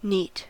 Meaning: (adjective) 1. Clean, tidy; free from dirt or impurities 2. Free from contaminants or impurities, unadulterated
- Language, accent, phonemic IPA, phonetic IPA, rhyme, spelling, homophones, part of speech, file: English, US, /ˈniːt/, [ˈnɪi̯t], -iːt, neat, NEET, adjective / interjection / noun, En-us-neat.ogg